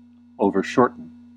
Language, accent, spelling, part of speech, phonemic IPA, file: English, US, overshorten, verb, /ˌoʊ.vɚˈʃɔɹ.tən/, En-us-overshorten.ogg
- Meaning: To shorten too much; make excessively or inappropriately short